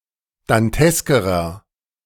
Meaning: inflection of dantesk: 1. strong/mixed nominative masculine singular comparative degree 2. strong genitive/dative feminine singular comparative degree 3. strong genitive plural comparative degree
- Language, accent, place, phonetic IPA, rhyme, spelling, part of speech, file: German, Germany, Berlin, [danˈtɛskəʁɐ], -ɛskəʁɐ, danteskerer, adjective, De-danteskerer.ogg